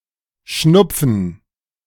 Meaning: to snort
- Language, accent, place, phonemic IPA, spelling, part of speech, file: German, Germany, Berlin, /ˈʃnʊpfn̩/, schnupfen, verb, De-schnupfen.ogg